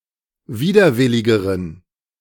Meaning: inflection of widerwillig: 1. strong genitive masculine/neuter singular comparative degree 2. weak/mixed genitive/dative all-gender singular comparative degree
- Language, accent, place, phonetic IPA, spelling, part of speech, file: German, Germany, Berlin, [ˈviːdɐˌvɪlɪɡəʁən], widerwilligeren, adjective, De-widerwilligeren.ogg